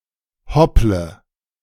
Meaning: inflection of hoppeln: 1. first-person singular present 2. first/third-person singular subjunctive I 3. singular imperative
- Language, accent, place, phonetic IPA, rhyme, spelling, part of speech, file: German, Germany, Berlin, [ˈhɔplə], -ɔplə, hopple, verb, De-hopple.ogg